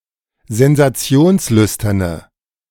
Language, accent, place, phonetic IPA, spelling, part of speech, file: German, Germany, Berlin, [zɛnzaˈt͡si̯oːnsˌlʏstɐnə], sensationslüsterne, adjective, De-sensationslüsterne.ogg
- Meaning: inflection of sensationslüstern: 1. strong/mixed nominative/accusative feminine singular 2. strong nominative/accusative plural 3. weak nominative all-gender singular